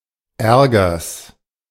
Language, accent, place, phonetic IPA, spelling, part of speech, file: German, Germany, Berlin, [ˈɛʁɡɐs], Ärgers, noun, De-Ärgers.ogg
- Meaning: genitive singular of Ärger